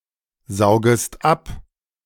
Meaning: second-person singular subjunctive I of absaugen
- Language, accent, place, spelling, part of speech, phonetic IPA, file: German, Germany, Berlin, saugest ab, verb, [ˌzaʊ̯ɡəst ˈap], De-saugest ab.ogg